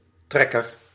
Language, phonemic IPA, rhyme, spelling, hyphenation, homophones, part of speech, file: Dutch, /ˈtrɛ.kər/, -ɛkər, trekker, trek‧ker, tracker, noun, Nl-trekker.ogg
- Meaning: 1. puller, (someone or something that pulls) 2. trigger 3. tractor (agricultural vehicle) 4. wayfarer, a hiker 5. migratory bird (sometimes specified as an actually migrating bird) 6. squeegee